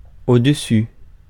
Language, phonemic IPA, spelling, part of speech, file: French, /o.d(ə).sy/, au-dessus, adverb, Fr-au-dessus.ogg
- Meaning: above